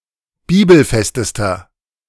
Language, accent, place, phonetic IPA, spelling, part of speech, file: German, Germany, Berlin, [ˈbiːbl̩ˌfɛstəstɐ], bibelfestester, adjective, De-bibelfestester.ogg
- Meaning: inflection of bibelfest: 1. strong/mixed nominative masculine singular superlative degree 2. strong genitive/dative feminine singular superlative degree 3. strong genitive plural superlative degree